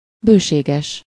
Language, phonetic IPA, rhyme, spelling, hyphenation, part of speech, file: Hungarian, [ˈbøːʃeːɡɛʃ], -ɛʃ, bőséges, bő‧sé‧ges, adjective, Hu-bőséges.ogg
- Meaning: ample, abundant